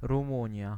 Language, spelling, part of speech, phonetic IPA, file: Polish, Rumunia, proper noun, [rũˈmũɲja], Pl-Rumunia.ogg